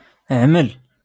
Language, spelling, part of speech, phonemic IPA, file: Moroccan Arabic, عمل, verb / noun, /ʕmal/, LL-Q56426 (ary)-عمل.wav
- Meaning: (verb) to do; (noun) verbal noun of عمل (ʕmal)